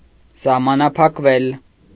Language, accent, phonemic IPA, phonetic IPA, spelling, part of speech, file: Armenian, Eastern Armenian, /sɑhmɑnɑpʰɑkˈvel/, [sɑhmɑnɑpʰɑkvél], սահմանափակվել, verb, Hy-սահմանափակվել.ogg
- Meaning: mediopassive of սահմանափակել (sahmanapʻakel)